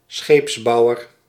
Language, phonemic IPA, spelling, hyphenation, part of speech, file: Dutch, /ˈsxeːpsˌbɑu̯ər/, scheepsbouwer, scheeps‧bou‧wer, noun, Nl-scheepsbouwer.ogg
- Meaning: shipbuilder